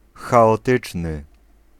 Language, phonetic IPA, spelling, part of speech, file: Polish, [ˌxaɔˈtɨt͡ʃnɨ], chaotyczny, adjective, Pl-chaotyczny.ogg